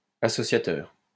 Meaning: 1. associator 2. shirk, idolatry
- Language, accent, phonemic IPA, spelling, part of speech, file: French, France, /a.sɔ.sja.tœʁ/, associateur, noun, LL-Q150 (fra)-associateur.wav